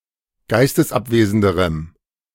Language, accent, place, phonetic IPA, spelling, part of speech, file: German, Germany, Berlin, [ˈɡaɪ̯stəsˌʔapveːzn̩dəʁəm], geistesabwesenderem, adjective, De-geistesabwesenderem.ogg
- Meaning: strong dative masculine/neuter singular comparative degree of geistesabwesend